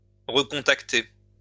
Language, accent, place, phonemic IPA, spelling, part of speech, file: French, France, Lyon, /ʁə.kɔ̃.tak.te/, recontacter, verb, LL-Q150 (fra)-recontacter.wav
- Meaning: to recontact